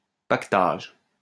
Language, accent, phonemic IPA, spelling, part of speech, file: French, France, /pak.taʒ/, paquetage, noun, LL-Q150 (fra)-paquetage.wav
- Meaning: 1. kit 2. package